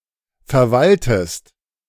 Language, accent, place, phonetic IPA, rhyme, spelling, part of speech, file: German, Germany, Berlin, [fɛɐ̯ˈvaltəst], -altəst, verwaltest, verb, De-verwaltest.ogg
- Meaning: inflection of verwalten: 1. second-person singular present 2. second-person singular subjunctive I